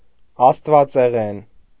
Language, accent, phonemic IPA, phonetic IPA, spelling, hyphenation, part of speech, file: Armenian, Eastern Armenian, /ɑstvɑt͡seˈʁen/, [ɑstvɑt͡seʁén], աստվածեղեն, աստ‧վա‧ծե‧ղեն, adjective, Hy-աստվածեղեն.ogg
- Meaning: divine